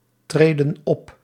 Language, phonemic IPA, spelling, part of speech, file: Dutch, /ˈtredə(n) ˈɔp/, treden op, verb, Nl-treden op.ogg
- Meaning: inflection of optreden: 1. plural present indicative 2. plural present subjunctive